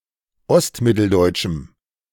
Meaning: strong dative masculine/neuter singular of ostmitteldeutsch
- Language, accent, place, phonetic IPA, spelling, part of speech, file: German, Germany, Berlin, [ˈɔstˌmɪtl̩dɔɪ̯t͡ʃm̩], ostmitteldeutschem, adjective, De-ostmitteldeutschem.ogg